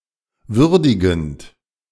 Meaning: present participle of würdigen
- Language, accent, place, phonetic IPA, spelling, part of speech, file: German, Germany, Berlin, [ˈvʏʁdɪɡn̩t], würdigend, verb, De-würdigend.ogg